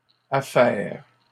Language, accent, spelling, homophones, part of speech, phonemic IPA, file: French, Canada, affairent, affaire / affaires, verb, /a.fɛʁ/, LL-Q150 (fra)-affairent.wav
- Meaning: third-person plural present indicative/subjunctive of affairer